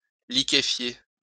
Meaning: to liquefy/liquify
- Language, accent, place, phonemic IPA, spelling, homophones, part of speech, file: French, France, Lyon, /li.ke.fje/, liquéfier, liquéfiai / liquéfié / liquéfiée / liquéfiées / liquéfiés / liquéfiez, verb, LL-Q150 (fra)-liquéfier.wav